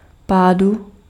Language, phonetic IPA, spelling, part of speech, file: Czech, [ˈpaːdu], pádu, noun, Cs-pádu.ogg
- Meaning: genitive/dative/locative singular of pád